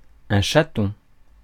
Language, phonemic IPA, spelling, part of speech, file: French, /ʃa.tɔ̃/, chaton, noun, Fr-chaton.ogg
- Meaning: 1. kitten, kitty (baby cat) 2. catkin 3. collet, bezel (around a jewel, on a ring) 4. the jewel itself (around which the collet is, on a ring)